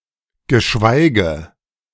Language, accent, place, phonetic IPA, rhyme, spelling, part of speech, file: German, Germany, Berlin, [ɡəˈʃvaɪ̯ɡə], -aɪ̯ɡə, geschweige, conjunction, De-geschweige.ogg
- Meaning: 1. let alone; used after a negative or limiting clause to introduce another that applies even less 2. let alone; used after an affirmative clause to introduce another that applies even more